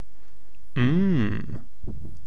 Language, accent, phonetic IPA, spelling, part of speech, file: English, Received Pronunciation, [m̩ː], mmm, interjection, Mmm.ogg
- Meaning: 1. An emotional expression of satisfaction 2. An expression used to show thought, reflection, or confusion